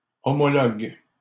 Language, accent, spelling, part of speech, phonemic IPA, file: French, Canada, homologues, verb, /ɔ.mɔ.lɔɡ/, LL-Q150 (fra)-homologues.wav
- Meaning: second-person singular present indicative/subjunctive of homologuer